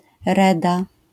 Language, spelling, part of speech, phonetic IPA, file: Polish, reda, noun, [ˈrɛda], LL-Q809 (pol)-reda.wav